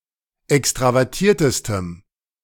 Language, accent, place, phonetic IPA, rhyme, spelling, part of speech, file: German, Germany, Berlin, [ˌɛkstʁavɛʁˈtiːɐ̯təstəm], -iːɐ̯təstəm, extravertiertestem, adjective, De-extravertiertestem.ogg
- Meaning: strong dative masculine/neuter singular superlative degree of extravertiert